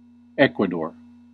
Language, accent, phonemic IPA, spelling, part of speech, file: English, US, /ˈɛk.wə.dɔɹ/, Ecuador, proper noun, En-us-Ecuador.ogg
- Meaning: A country in South America. Official name: Republic of Ecuador. Capital: Quito